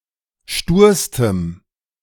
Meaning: strong dative masculine/neuter singular superlative degree of stur
- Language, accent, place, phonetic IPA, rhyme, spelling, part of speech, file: German, Germany, Berlin, [ˈʃtuːɐ̯stəm], -uːɐ̯stəm, sturstem, adjective, De-sturstem.ogg